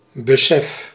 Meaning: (noun) realisation, awareness, sense; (verb) inflection of beseffen: 1. first-person singular present indicative 2. second-person singular present indicative 3. imperative
- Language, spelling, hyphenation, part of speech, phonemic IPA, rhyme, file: Dutch, besef, be‧sef, noun / verb, /bəˈsɛf/, -ɛf, Nl-besef.ogg